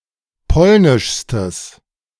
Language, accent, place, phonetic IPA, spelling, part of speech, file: German, Germany, Berlin, [ˈpɔlnɪʃstəs], polnischstes, adjective, De-polnischstes.ogg
- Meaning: strong/mixed nominative/accusative neuter singular superlative degree of polnisch